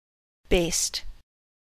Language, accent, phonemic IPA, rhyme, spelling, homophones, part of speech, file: English, US, /beɪst/, -eɪst, baste, based, verb / noun, En-us-baste.ogg
- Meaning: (verb) 1. To sew with long or loose stitches, as for temporary use, or in preparation for gathering the fabric 2. To sprinkle flour and salt and drip butter or fat on, as on meat in roasting